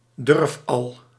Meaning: a daredevil
- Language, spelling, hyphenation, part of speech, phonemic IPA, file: Dutch, durfal, durf‧al, noun, /ˈdʏrf.ɑl/, Nl-durfal.ogg